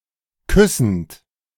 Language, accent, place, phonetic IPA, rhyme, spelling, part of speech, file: German, Germany, Berlin, [ˈkʏsn̩t], -ʏsn̩t, küssend, verb, De-küssend.ogg
- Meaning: present participle of küssen